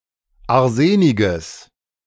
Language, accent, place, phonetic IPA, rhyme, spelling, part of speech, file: German, Germany, Berlin, [aʁˈzeːnɪɡəs], -eːnɪɡəs, arseniges, adjective, De-arseniges.ogg
- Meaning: strong/mixed nominative/accusative neuter singular of arsenig